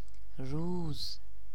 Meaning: 1. day 2. daylight 3. daytime
- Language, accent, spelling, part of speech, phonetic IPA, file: Persian, Iran, روز, noun, [ɹuːz], Fa-روز.ogg